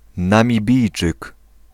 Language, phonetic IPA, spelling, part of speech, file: Polish, [ˌnãmʲiˈbʲijt͡ʃɨk], Namibijczyk, noun, Pl-Namibijczyk.ogg